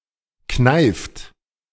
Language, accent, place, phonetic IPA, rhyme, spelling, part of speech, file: German, Germany, Berlin, [knaɪ̯ft], -aɪ̯ft, kneift, verb, De-kneift.ogg
- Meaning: inflection of kneifen: 1. third-person singular present 2. second-person plural present 3. plural imperative